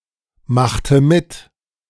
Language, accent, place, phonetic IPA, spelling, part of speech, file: German, Germany, Berlin, [ˌmaxtə ˈmɪt], machte mit, verb, De-machte mit.ogg
- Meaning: inflection of mitmachen: 1. first/third-person singular preterite 2. first/third-person singular subjunctive II